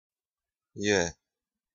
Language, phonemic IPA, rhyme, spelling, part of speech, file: Romanian, /je/, -e, e, verb, Ro-e.ogg
- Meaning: third-person singular present indicative of fi